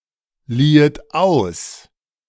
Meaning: second-person plural subjunctive II of ausleihen
- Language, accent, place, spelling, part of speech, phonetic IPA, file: German, Germany, Berlin, liehet aus, verb, [ˌliːət ˈaʊ̯s], De-liehet aus.ogg